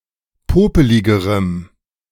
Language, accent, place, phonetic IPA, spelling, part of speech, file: German, Germany, Berlin, [ˈpoːpəlɪɡəʁəm], popeligerem, adjective, De-popeligerem.ogg
- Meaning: strong dative masculine/neuter singular comparative degree of popelig